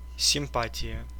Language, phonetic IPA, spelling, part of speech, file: Russian, [sʲɪmˈpatʲɪjə], симпатия, noun, Ru-симпа́тия.ogg
- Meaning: 1. favour/favor; attraction; sympathy 2. sweetheart; darling; flame (a person who is liked or desired)